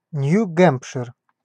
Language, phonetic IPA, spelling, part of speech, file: Russian, [ˌnʲju ˈɡɛmpʂɨr], Нью-Гэмпшир, proper noun, Ru-Нью-Гэмпшир.ogg
- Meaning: New Hampshire (a state of the United States)